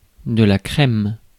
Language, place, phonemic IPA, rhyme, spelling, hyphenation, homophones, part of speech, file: French, Paris, /kʁɛm/, -ɛm, crème, crème, chrême / chrêmes / crèment / crèmes, noun / adjective / verb, Fr-crème.ogg
- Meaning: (noun) 1. cream 2. café crème 3. ice cream; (adjective) 1. cream (color/colour) 2. cool; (verb) inflection of crémer: first/third-person singular present indicative